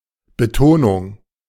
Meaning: 1. emphasis 2. accent, stress
- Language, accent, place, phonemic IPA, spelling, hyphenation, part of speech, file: German, Germany, Berlin, /bəˈtoːnʊŋ/, Betonung, Be‧to‧nung, noun, De-Betonung.ogg